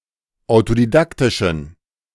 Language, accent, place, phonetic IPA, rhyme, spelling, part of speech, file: German, Germany, Berlin, [aʊ̯todiˈdaktɪʃn̩], -aktɪʃn̩, autodidaktischen, adjective, De-autodidaktischen.ogg
- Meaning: inflection of autodidaktisch: 1. strong genitive masculine/neuter singular 2. weak/mixed genitive/dative all-gender singular 3. strong/weak/mixed accusative masculine singular 4. strong dative plural